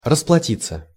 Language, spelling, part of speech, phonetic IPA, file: Russian, расплатиться, verb, [rəspɫɐˈtʲit͡sːə], Ru-расплатиться.ogg
- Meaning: 1. to pay 2. to pay off 3. to get even with, to take revenge on 4. to pay for, to receive punishment for